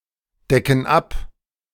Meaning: inflection of abdecken: 1. first/third-person plural present 2. first/third-person plural subjunctive I
- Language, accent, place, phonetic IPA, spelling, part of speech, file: German, Germany, Berlin, [ˌdɛkn̩ ˈap], decken ab, verb, De-decken ab.ogg